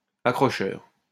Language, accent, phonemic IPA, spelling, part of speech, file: French, France, /a.kʁɔ.ʃœʁ/, accrocheur, adjective / noun, LL-Q150 (fra)-accrocheur.wav
- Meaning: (adjective) 1. catchy 2. attention-grabbing; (noun) a worker who loads full tubs into the cage at the pit bottom; onsetter, pit-bottomer